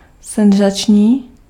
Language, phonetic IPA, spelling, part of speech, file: Czech, [ˈsɛnzat͡ʃɲiː], senzační, adjective, Cs-senzační.ogg
- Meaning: sensational